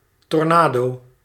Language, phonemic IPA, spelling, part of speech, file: Dutch, /tɔrˈnado/, tornado, noun, Nl-tornado.ogg
- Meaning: tornado